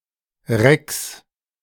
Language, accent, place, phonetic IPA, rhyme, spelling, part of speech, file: German, Germany, Berlin, [ʁɛks], -ɛks, Recks, noun, De-Recks.ogg
- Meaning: plural of Reck